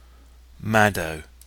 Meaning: A surname
- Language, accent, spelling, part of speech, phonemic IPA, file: English, UK, Maddow, proper noun, /mædoʊ/, En-uk-Maddow.oga